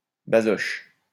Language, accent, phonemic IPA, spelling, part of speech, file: French, France, /ba.zɔʃ/, basoche, noun, LL-Q150 (fra)-basoche.wav
- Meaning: the guild of legal clerks of the Paris court system under the pre-revolutionary French monarchy, from among whom legal representatives (procureurs) were recruited; basoche